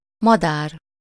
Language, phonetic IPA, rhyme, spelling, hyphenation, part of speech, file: Hungarian, [ˈmɒdaːr], -aːr, madár, ma‧dár, noun, Hu-madár.ogg
- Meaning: bird, fowl